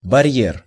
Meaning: 1. barrier (structure that bars passage) 2. hurdle
- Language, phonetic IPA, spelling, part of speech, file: Russian, [bɐˈrʲjer], барьер, noun, Ru-барьер.ogg